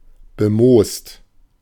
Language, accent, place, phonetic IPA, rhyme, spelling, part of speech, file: German, Germany, Berlin, [bəˈmoːst], -oːst, bemoost, adjective / verb, De-bemoost.ogg
- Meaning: mossy